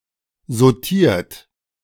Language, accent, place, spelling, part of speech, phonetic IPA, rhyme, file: German, Germany, Berlin, sautiert, verb, [zoˈtiːɐ̯t], -iːɐ̯t, De-sautiert.ogg
- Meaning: 1. past participle of sautieren 2. inflection of sautieren: third-person singular present 3. inflection of sautieren: second-person plural present 4. inflection of sautieren: plural imperative